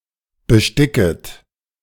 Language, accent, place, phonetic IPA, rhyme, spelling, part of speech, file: German, Germany, Berlin, [bəˈʃtɪkət], -ɪkət, besticket, verb, De-besticket.ogg
- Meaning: second-person plural subjunctive I of besticken